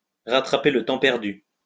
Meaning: to make up for lost time
- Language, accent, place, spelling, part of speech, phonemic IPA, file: French, France, Lyon, rattraper le temps perdu, verb, /ʁa.tʁa.pe l(ə) tɑ̃ pɛʁ.dy/, LL-Q150 (fra)-rattraper le temps perdu.wav